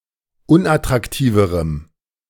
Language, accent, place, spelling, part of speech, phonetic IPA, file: German, Germany, Berlin, unattraktiverem, adjective, [ˈʊnʔatʁakˌtiːvəʁəm], De-unattraktiverem.ogg
- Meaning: strong dative masculine/neuter singular comparative degree of unattraktiv